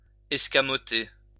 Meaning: 1. to conjure away, to make disappear 2. to snatch, to nick 3. to evade, dodge; to skip (a word, question, etc.) 4. to retract (landing gear)
- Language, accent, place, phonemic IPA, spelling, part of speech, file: French, France, Lyon, /ɛs.ka.mɔ.te/, escamoter, verb, LL-Q150 (fra)-escamoter.wav